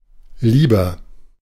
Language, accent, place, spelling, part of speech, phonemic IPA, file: German, Germany, Berlin, lieber, adjective / adverb, /ˈliːbɐ/, De-lieber.ogg
- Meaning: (adjective) 1. comparative degree of lieb 2. inflection of lieb 3. inflection of lieb: strong/mixed nominative masculine singular 4. inflection of lieb: strong genitive/dative feminine singular